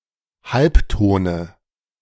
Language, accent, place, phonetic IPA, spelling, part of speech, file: German, Germany, Berlin, [ˈhalpˌtoːnə], Halbtone, noun, De-Halbtone.ogg
- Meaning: dative singular of Halbton